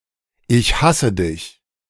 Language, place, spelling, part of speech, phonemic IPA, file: German, Berlin, ich hasse dich, phrase, /ˈʔɪç ˈhasə ˌdɪç/, De-Ich hasse dich..ogg
- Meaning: I hate you